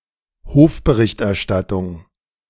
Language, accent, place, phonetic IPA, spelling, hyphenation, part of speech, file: German, Germany, Berlin, [ˈhoːfbəˌʁɪçtʔɛɐ̯ˌʃtatʊŋ], Hofberichterstattung, Hof‧be‧richt‧er‧stat‧tung, noun, De-Hofberichterstattung.ogg
- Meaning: 1. reporting from a royal or princely court 2. journalism, highly supportive of a powerful person or institution (a government, a party, etc.)